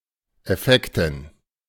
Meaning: 1. personal effects, belongings that one carries with one (on one’s person or as luggage) 2. belongings, movable property, goods and chattels 3. synonym of Wertpapiere (“securities, stocks, bonds”)
- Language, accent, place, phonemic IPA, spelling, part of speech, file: German, Germany, Berlin, /ɛˈfɛktən/, Effekten, noun, De-Effekten.ogg